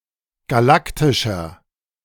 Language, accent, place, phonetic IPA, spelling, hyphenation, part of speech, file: German, Germany, Berlin, [ɡaˈlaktɪʃɐ], galaktischer, ga‧lak‧ti‧scher, adjective, De-galaktischer.ogg
- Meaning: inflection of galaktisch: 1. strong/mixed nominative masculine singular 2. strong genitive/dative feminine singular 3. strong genitive plural